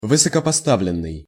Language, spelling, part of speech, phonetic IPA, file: Russian, высокопоставленный, adjective, [vɨsəkəpɐˈstavlʲɪn(ː)ɨj], Ru-высокопоставленный.ogg
- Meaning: high-ranking